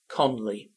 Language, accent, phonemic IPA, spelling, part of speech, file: English, UK, /ˈkɒnli/, Conley, proper noun, En-uk-Conley.oga
- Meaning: 1. A surname from Irish 2. A male given name from Irish, transferred from the surname